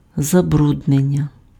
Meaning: verbal noun of забрудни́ти pf (zabrudnýty): 1. pollution 2. contamination 3. soiling
- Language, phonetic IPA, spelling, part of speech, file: Ukrainian, [zɐˈbrudnenʲːɐ], забруднення, noun, Uk-забруднення.ogg